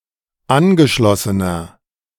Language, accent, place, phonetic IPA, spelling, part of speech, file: German, Germany, Berlin, [ˈanɡəˌʃlɔsənɐ], angeschlossener, adjective, De-angeschlossener.ogg
- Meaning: inflection of angeschlossen: 1. strong/mixed nominative masculine singular 2. strong genitive/dative feminine singular 3. strong genitive plural